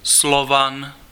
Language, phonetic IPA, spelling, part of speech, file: Czech, [ˈslovan], Slovan, noun, Cs-Slovan.ogg
- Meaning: 1. Slav 2. any of various football/soccer clubs in the Czech Republic and Slovakia